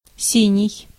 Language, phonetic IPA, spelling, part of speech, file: Russian, [ˈsʲinʲɪj], синий, adjective, Ru-синий.ogg
- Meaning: 1. deep blue 2. indigo 3. dead (sense transferred from the bluish color of a dead person's face) 4. drunken, drunk (also acts as noun)